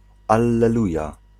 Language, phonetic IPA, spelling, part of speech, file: Polish, [ˌalːɛˈluja], alleluja, interjection, Pl-alleluja.ogg